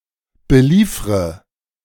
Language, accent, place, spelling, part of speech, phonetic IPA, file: German, Germany, Berlin, beliefre, verb, [bəˈliːfʁə], De-beliefre.ogg
- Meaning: inflection of beliefern: 1. first-person singular present 2. first/third-person singular subjunctive I 3. singular imperative